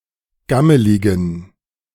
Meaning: inflection of gammelig: 1. strong genitive masculine/neuter singular 2. weak/mixed genitive/dative all-gender singular 3. strong/weak/mixed accusative masculine singular 4. strong dative plural
- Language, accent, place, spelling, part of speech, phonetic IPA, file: German, Germany, Berlin, gammeligen, adjective, [ˈɡaməlɪɡn̩], De-gammeligen.ogg